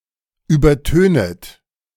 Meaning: second-person plural subjunctive I of übertönen
- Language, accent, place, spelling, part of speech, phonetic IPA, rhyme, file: German, Germany, Berlin, übertönet, verb, [ˌyːbɐˈtøːnət], -øːnət, De-übertönet.ogg